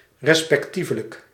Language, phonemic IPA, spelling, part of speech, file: Dutch, /rɛspɛkˈtivələk/, respectievelijk, adverb / adjective / conjunction, Nl-respectievelijk.ogg
- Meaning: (adjective) respective; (adverb) respectively